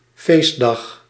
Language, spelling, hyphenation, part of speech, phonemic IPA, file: Dutch, feestdag, feest‧dag, noun, /ˈfeːs.dɑx/, Nl-feestdag.ogg
- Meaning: 1. holiday, day off 2. religious holiday